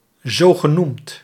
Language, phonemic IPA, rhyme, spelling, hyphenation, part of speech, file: Dutch, /ˌzoː.ɣəˈnumt/, -umt, zogenoemd, zo‧ge‧noemd, adjective, Nl-zogenoemd.ogg
- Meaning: so-called